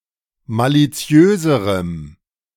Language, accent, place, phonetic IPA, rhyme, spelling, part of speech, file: German, Germany, Berlin, [ˌmaliˈt͡si̯øːzəʁəm], -øːzəʁəm, maliziöserem, adjective, De-maliziöserem.ogg
- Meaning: strong dative masculine/neuter singular comparative degree of maliziös